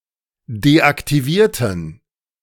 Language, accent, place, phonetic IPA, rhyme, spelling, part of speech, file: German, Germany, Berlin, [deʔaktiˈviːɐ̯tn̩], -iːɐ̯tn̩, deaktivierten, adjective / verb, De-deaktivierten.ogg
- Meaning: inflection of deaktiviert: 1. strong genitive masculine/neuter singular 2. weak/mixed genitive/dative all-gender singular 3. strong/weak/mixed accusative masculine singular 4. strong dative plural